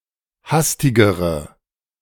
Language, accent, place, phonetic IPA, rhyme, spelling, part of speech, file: German, Germany, Berlin, [ˈhastɪɡəʁə], -astɪɡəʁə, hastigere, adjective, De-hastigere.ogg
- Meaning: inflection of hastig: 1. strong/mixed nominative/accusative feminine singular comparative degree 2. strong nominative/accusative plural comparative degree